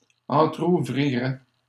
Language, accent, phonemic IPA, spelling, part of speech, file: French, Canada, /ɑ̃.tʁu.vʁi.ʁɛ/, entrouvrirait, verb, LL-Q150 (fra)-entrouvrirait.wav
- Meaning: third-person singular conditional of entrouvrir